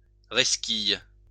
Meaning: inflection of resquiller: 1. first/third-person singular present indicative/subjunctive 2. second-person singular imperative
- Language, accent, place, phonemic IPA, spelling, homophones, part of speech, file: French, France, Lyon, /ʁɛs.kij/, resquille, resquillent / resquilles, verb, LL-Q150 (fra)-resquille.wav